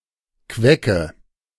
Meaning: quitch (Elymus repens)
- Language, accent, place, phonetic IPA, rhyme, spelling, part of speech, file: German, Germany, Berlin, [ˈkvɛkə], -ɛkə, Quecke, noun, De-Quecke.ogg